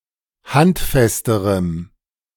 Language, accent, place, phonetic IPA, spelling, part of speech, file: German, Germany, Berlin, [ˈhantˌfɛstəʁəm], handfesterem, adjective, De-handfesterem.ogg
- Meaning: strong dative masculine/neuter singular comparative degree of handfest